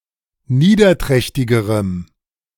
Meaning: strong dative masculine/neuter singular comparative degree of niederträchtig
- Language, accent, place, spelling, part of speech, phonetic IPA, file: German, Germany, Berlin, niederträchtigerem, adjective, [ˈniːdɐˌtʁɛçtɪɡəʁəm], De-niederträchtigerem.ogg